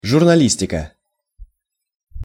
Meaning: journalism
- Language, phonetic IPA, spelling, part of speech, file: Russian, [ʐʊrnɐˈlʲisʲtʲɪkə], журналистика, noun, Ru-журналистика.ogg